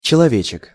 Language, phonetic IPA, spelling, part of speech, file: Russian, [t͡ɕɪɫɐˈvʲet͡ɕɪk], человечек, noun, Ru-человечек.ogg
- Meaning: diminutive of челове́к (čelovék) (little) man/person, little man